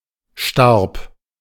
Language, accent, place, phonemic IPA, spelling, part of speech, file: German, Germany, Berlin, /ʃtarp/, starb, verb, De-starb.ogg
- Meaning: first/third-person singular preterite of sterben